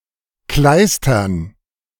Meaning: dative plural of Kleister
- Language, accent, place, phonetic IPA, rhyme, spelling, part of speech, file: German, Germany, Berlin, [ˈklaɪ̯stɐn], -aɪ̯stɐn, Kleistern, noun, De-Kleistern.ogg